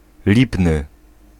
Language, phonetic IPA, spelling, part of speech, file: Polish, [ˈlʲipnɨ], lipny, adjective, Pl-lipny.ogg